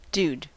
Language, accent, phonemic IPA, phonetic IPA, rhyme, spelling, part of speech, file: English, US, /duːd/, [dʉːwd], -uːd, dude, noun / interjection / verb, En-us-dude.ogg
- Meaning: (noun) 1. A man, generally a younger man 2. A term of address for someone, often but not exclusively a man, particularly when hailing, cautioning them or offering advice 3. A tourist